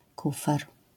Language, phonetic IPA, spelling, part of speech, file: Polish, [ˈkufɛr], kufer, noun, LL-Q809 (pol)-kufer.wav